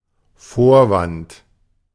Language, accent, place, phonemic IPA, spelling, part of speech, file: German, Germany, Berlin, /ˈfoːɐ̯vant/, Vorwand, noun, De-Vorwand.ogg
- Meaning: 1. pretext 2. excuse